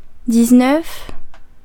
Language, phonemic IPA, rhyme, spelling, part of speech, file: French, /diz.nœf/, -œf, dix-neuf, numeral, Fr-dix-neuf.ogg
- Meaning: nineteen